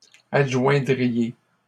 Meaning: second-person plural conditional of adjoindre
- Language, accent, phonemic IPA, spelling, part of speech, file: French, Canada, /ad.ʒwɛ̃.dʁi.je/, adjoindriez, verb, LL-Q150 (fra)-adjoindriez.wav